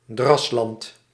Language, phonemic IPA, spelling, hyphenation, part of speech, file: Dutch, /ˈdrɑs.lɑnt/, drasland, dras‧land, noun, Nl-drasland.ogg
- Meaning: wetland, marshland